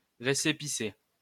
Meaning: receipt
- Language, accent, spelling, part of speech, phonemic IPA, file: French, France, récépissé, noun, /ʁe.se.pi.se/, LL-Q150 (fra)-récépissé.wav